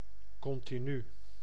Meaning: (adverb) continuously; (adjective) continuous (without break, cessation, or interruption in time)
- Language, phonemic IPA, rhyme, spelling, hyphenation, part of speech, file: Dutch, /ˌkɔn.tiˈny/, -y, continu, con‧ti‧nu, adverb / adjective, Nl-continu.ogg